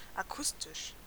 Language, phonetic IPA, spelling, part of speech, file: German, [aˈkʊstɪʃ], akustisch, adjective, De-akustisch.ogg
- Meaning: acoustic